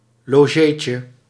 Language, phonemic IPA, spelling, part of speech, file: Dutch, /loˈʒecə/, logeetje, noun, Nl-logeetje.ogg
- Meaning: diminutive of logé